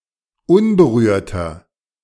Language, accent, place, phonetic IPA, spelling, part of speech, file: German, Germany, Berlin, [ˈʊnbəˌʁyːɐ̯tɐ], unberührter, adjective, De-unberührter.ogg
- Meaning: 1. comparative degree of unberührt 2. inflection of unberührt: strong/mixed nominative masculine singular 3. inflection of unberührt: strong genitive/dative feminine singular